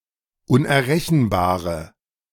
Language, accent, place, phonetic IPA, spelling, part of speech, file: German, Germany, Berlin, [ʊnʔɛɐ̯ˈʁɛçn̩baːʁə], unerrechenbare, adjective, De-unerrechenbare.ogg
- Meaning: inflection of unerrechenbar: 1. strong/mixed nominative/accusative feminine singular 2. strong nominative/accusative plural 3. weak nominative all-gender singular